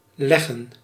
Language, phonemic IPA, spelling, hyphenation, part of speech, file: Dutch, /ˈlɛɣə(n)/, leggen, leg‧gen, verb, Nl-leggen.ogg
- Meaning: 1. to lay (to place in a lying position) 2. to lay (eggs) (to produce and deposit eggs) 3. alternative form of liggen